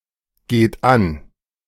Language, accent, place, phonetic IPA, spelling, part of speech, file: German, Germany, Berlin, [ˌɡeːt ˈan], geht an, verb, De-geht an.ogg
- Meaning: inflection of angehen: 1. third-person singular present 2. second-person plural present 3. plural imperative